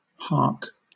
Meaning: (verb) To listen attentively; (noun) A whisper
- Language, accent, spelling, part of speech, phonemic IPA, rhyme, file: English, Southern England, hark, verb / noun, /hɑː(ɹ)k/, -ɑː(ɹ)k, LL-Q1860 (eng)-hark.wav